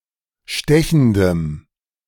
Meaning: strong dative masculine/neuter singular of stechend
- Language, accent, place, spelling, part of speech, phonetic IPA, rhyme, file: German, Germany, Berlin, stechendem, adjective, [ˈʃtɛçn̩dəm], -ɛçn̩dəm, De-stechendem.ogg